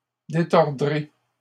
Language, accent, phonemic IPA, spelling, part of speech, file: French, Canada, /de.tɔʁ.dʁe/, détordrai, verb, LL-Q150 (fra)-détordrai.wav
- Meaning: first-person singular simple future of détordre